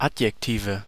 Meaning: nominative/accusative/genitive plural of Adjektiv
- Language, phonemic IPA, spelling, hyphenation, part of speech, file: German, /ˈatjɛkˌtiːvə/, Adjektive, Ad‧jek‧ti‧ve, noun, De-Adjektive.ogg